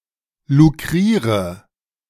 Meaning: inflection of lukrieren: 1. first-person singular present 2. first/third-person singular subjunctive I 3. singular imperative
- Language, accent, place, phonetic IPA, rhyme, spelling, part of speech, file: German, Germany, Berlin, [luˈkʁiːʁə], -iːʁə, lukriere, verb, De-lukriere.ogg